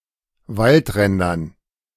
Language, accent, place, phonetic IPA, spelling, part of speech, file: German, Germany, Berlin, [ˈvaltˌʁɛndɐn], Waldrändern, noun, De-Waldrändern.ogg
- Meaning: dative plural of Waldrand